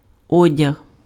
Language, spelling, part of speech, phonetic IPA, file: Ukrainian, одяг, noun / verb, [ˈɔdʲɐɦ], Uk-одяг.ogg
- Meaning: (noun) clothes, clothing, garments; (verb) masculine singular past perfective of одягти́ (odjahtý)